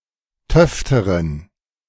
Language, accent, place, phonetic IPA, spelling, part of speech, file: German, Germany, Berlin, [ˈtœftəʁən], töfteren, adjective, De-töfteren.ogg
- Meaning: inflection of töfte: 1. strong genitive masculine/neuter singular comparative degree 2. weak/mixed genitive/dative all-gender singular comparative degree